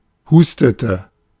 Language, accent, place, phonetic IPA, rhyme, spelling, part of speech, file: German, Germany, Berlin, [ˈhuːstətə], -uːstətə, hustete, verb, De-hustete.ogg
- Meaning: inflection of husten: 1. first/third-person singular preterite 2. first/third-person singular subjunctive II